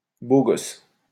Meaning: good-looking guy, hot guy, handsome man, hunk
- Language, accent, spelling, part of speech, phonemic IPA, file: French, France, beau gosse, noun, /bo ɡɔs/, LL-Q150 (fra)-beau gosse.wav